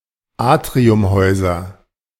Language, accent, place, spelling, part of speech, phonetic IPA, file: German, Germany, Berlin, Atriumhäuser, noun, [ˈaːtʁiʊmˌhɔɪ̯zɐ], De-Atriumhäuser.ogg
- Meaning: nominative/accusative/genitive plural of Atriumhaus